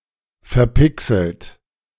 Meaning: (verb) past participle of verpixeln; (adjective) pixelated
- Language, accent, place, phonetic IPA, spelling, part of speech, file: German, Germany, Berlin, [fɛɐ̯ˈpɪksl̩t], verpixelt, verb, De-verpixelt.ogg